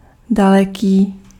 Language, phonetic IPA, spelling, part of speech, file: Czech, [ˈdalɛkiː], daleký, adjective, Cs-daleký.ogg
- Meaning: far, distant, remote